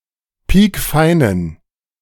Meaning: inflection of piekfein: 1. strong genitive masculine/neuter singular 2. weak/mixed genitive/dative all-gender singular 3. strong/weak/mixed accusative masculine singular 4. strong dative plural
- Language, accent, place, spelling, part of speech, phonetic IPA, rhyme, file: German, Germany, Berlin, piekfeinen, adjective, [ˈpiːkˈfaɪ̯nən], -aɪ̯nən, De-piekfeinen.ogg